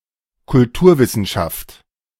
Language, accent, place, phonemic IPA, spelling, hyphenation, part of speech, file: German, Germany, Berlin, /kʊlˈtuːɐ̯ˌvɪsn̩ʃaft/, Kulturwissenschaft, Kul‧tur‧wis‧sen‧schaft, noun, De-Kulturwissenschaft.ogg
- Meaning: cultural studies